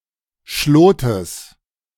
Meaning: genitive singular of Schlot
- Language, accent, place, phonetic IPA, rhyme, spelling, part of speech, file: German, Germany, Berlin, [ˈʃloːtəs], -oːtəs, Schlotes, noun, De-Schlotes.ogg